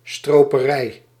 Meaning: poaching (illegal hunting)
- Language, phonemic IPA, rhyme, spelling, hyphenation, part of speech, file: Dutch, /ˌstroː.pəˈrɛi̯/, -ɛi̯, stroperij, stro‧pe‧rij, noun, Nl-stroperij.ogg